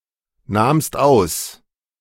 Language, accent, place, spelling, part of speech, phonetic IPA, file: German, Germany, Berlin, nahmst aus, verb, [ˌnaːmst ˈaʊ̯s], De-nahmst aus.ogg
- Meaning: second-person singular preterite of ausnehmen